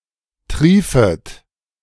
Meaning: second-person plural subjunctive I of triefen
- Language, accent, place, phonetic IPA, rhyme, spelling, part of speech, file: German, Germany, Berlin, [ˈtʁiːfət], -iːfət, triefet, verb, De-triefet.ogg